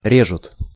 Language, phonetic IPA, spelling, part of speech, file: Russian, [ˈrʲeʐʊt], режут, verb, Ru-режут.ogg
- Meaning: third-person plural present indicative imperfective of ре́зать (rézatʹ)